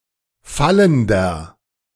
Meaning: inflection of fallend: 1. strong/mixed nominative masculine singular 2. strong genitive/dative feminine singular 3. strong genitive plural
- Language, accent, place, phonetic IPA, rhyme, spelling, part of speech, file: German, Germany, Berlin, [ˈfaləndɐ], -aləndɐ, fallender, adjective, De-fallender.ogg